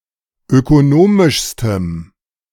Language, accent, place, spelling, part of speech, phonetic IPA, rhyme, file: German, Germany, Berlin, ökonomischstem, adjective, [økoˈnoːmɪʃstəm], -oːmɪʃstəm, De-ökonomischstem.ogg
- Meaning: strong dative masculine/neuter singular superlative degree of ökonomisch